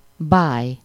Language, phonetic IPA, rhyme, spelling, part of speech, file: Hungarian, [ˈbaːj], -aːj, báj, noun, Hu-báj.oga
- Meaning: charm, grace, gracefulness